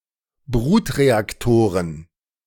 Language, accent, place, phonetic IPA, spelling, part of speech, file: German, Germany, Berlin, [ˈbʁuːtʁeakˌtoːʁən], Brutreaktoren, noun, De-Brutreaktoren.ogg
- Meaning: plural of Brutreaktor